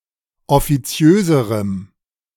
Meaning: strong dative masculine/neuter singular comparative degree of offiziös
- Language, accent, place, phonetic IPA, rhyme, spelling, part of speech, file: German, Germany, Berlin, [ɔfiˈt͡si̯øːzəʁəm], -øːzəʁəm, offiziöserem, adjective, De-offiziöserem.ogg